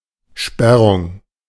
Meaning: 1. blocking; closing (off) 2. locking 3. thought blocking
- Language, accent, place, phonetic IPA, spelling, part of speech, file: German, Germany, Berlin, [ˈʃpɛrʊŋ], Sperrung, noun, De-Sperrung.ogg